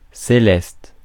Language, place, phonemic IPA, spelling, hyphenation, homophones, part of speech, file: French, Paris, /se.lɛst/, céleste, cé‧leste, célestes, adjective, Fr-céleste.ogg
- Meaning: celestial